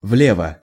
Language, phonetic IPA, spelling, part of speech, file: Russian, [ˈvlʲevə], влево, adverb, Ru-влево.ogg
- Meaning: to the left